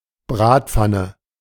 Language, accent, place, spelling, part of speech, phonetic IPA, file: German, Germany, Berlin, Bratpfanne, noun, [ˈbʁaːtˌp͡fanə], De-Bratpfanne.ogg
- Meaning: frying pan, skillet